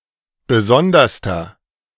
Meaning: inflection of besondere: 1. strong/mixed nominative masculine singular superlative degree 2. strong genitive/dative feminine singular superlative degree 3. strong genitive plural superlative degree
- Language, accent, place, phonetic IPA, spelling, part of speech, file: German, Germany, Berlin, [ˈbəˈzɔndɐstɐ], besonderster, adjective, De-besonderster.ogg